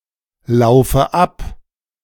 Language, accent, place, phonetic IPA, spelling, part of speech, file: German, Germany, Berlin, [ˌlaʊ̯fə ˈap], laufe ab, verb, De-laufe ab.ogg
- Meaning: inflection of ablaufen: 1. first-person singular present 2. first/third-person singular subjunctive I 3. singular imperative